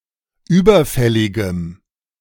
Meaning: strong dative masculine/neuter singular of überfällig
- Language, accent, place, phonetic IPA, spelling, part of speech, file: German, Germany, Berlin, [ˈyːbɐˌfɛlɪɡəm], überfälligem, adjective, De-überfälligem.ogg